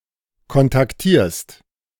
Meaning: second-person singular present of kontaktieren
- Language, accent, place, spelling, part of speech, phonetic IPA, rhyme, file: German, Germany, Berlin, kontaktierst, verb, [kɔntakˈtiːɐ̯st], -iːɐ̯st, De-kontaktierst.ogg